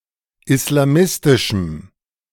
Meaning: strong dative masculine/neuter singular of islamistisch
- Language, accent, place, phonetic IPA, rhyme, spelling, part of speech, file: German, Germany, Berlin, [ɪslaˈmɪstɪʃm̩], -ɪstɪʃm̩, islamistischem, adjective, De-islamistischem.ogg